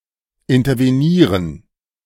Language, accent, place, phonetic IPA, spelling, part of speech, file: German, Germany, Berlin, [ɪntɐveˈniːʁən], intervenieren, verb, De-intervenieren.ogg
- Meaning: 1. to intervene, to intercede 2. to intervene, to interfere